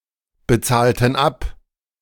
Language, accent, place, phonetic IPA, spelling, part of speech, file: German, Germany, Berlin, [bəˌt͡saːltət ˈap], bezahltet ab, verb, De-bezahltet ab.ogg
- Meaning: inflection of abbezahlen: 1. second-person plural preterite 2. second-person plural subjunctive II